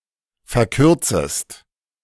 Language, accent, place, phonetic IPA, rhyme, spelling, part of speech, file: German, Germany, Berlin, [fɛɐ̯ˈkʏʁt͡səst], -ʏʁt͡səst, verkürzest, verb, De-verkürzest.ogg
- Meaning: second-person singular subjunctive I of verkürzen